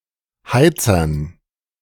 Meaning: dative plural of Heizer
- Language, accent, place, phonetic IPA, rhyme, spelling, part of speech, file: German, Germany, Berlin, [ˈhaɪ̯t͡sɐn], -aɪ̯t͡sɐn, Heizern, noun, De-Heizern.ogg